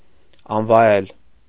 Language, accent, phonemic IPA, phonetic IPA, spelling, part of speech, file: Armenian, Eastern Armenian, /ɑnvɑˈjel/, [ɑnvɑjél], անվայել, adjective, Hy-անվայել.ogg
- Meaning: improper, unbecoming